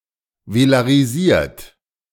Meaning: 1. past participle of velarisieren 2. inflection of velarisieren: third-person singular present 3. inflection of velarisieren: second-person plural present
- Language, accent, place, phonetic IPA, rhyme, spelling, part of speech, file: German, Germany, Berlin, [velaʁiˈziːɐ̯t], -iːɐ̯t, velarisiert, verb, De-velarisiert.ogg